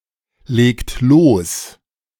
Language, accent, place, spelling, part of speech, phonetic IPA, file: German, Germany, Berlin, legt los, verb, [ˌleːkt ˈloːs], De-legt los.ogg
- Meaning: inflection of loslegen: 1. second-person plural present 2. third-person singular present 3. plural imperative